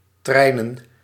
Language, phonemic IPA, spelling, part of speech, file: Dutch, /ˈtrɛinə(n)/, treinen, noun / verb, Nl-treinen.ogg
- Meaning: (verb) to travel by train; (noun) plural of trein